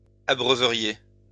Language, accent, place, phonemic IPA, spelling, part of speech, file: French, France, Lyon, /a.bʁœ.və.ʁje/, abreuveriez, verb, LL-Q150 (fra)-abreuveriez.wav
- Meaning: second-person plural conditional of abreuver